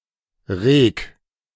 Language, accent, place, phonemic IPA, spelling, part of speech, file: German, Germany, Berlin, /ʁeːk/, reg, verb, De-reg.ogg
- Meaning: 1. singular imperative of regen 2. first-person singular present of regen